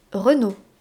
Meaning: Renaud, a male given name, equivalent to English Reynold, and a surname originating as a patronymic
- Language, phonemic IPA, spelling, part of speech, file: French, /ʁə.no/, Renaud, proper noun, Fr-Renaud.ogg